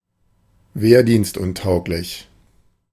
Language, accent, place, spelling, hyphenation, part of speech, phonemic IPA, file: German, Germany, Berlin, wehrdienstuntauglich, wehr‧dienst‧un‧taug‧lich, adjective, /ˈveːɐ̯diːnstˌʊntaʊ̯klɪç/, De-wehrdienstuntauglich.ogg
- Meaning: unfit for military service